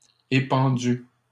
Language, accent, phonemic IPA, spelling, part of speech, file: French, Canada, /e.pɑ̃.dy/, épandue, adjective, LL-Q150 (fra)-épandue.wav
- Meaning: feminine singular of épandu